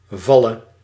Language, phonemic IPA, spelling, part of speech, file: Dutch, /ˈvɑlə/, valle, verb, Nl-valle.ogg
- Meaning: singular present subjunctive of vallen